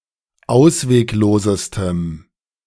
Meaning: strong dative masculine/neuter singular superlative degree of ausweglos
- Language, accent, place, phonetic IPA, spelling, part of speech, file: German, Germany, Berlin, [ˈaʊ̯sveːkˌloːzəstəm], ausweglosestem, adjective, De-ausweglosestem.ogg